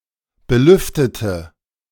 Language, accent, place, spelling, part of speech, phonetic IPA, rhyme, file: German, Germany, Berlin, belüftete, adjective / verb, [bəˈlʏftətə], -ʏftətə, De-belüftete.ogg
- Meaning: inflection of belüften: 1. first/third-person singular preterite 2. first/third-person singular subjunctive II